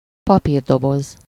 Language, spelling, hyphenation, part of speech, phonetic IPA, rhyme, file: Hungarian, papírdoboz, pa‧pír‧do‧boz, noun, [ˈpɒpiːrdoboz], -oz, Hu-papírdoboz.ogg
- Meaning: paper box, cardboard box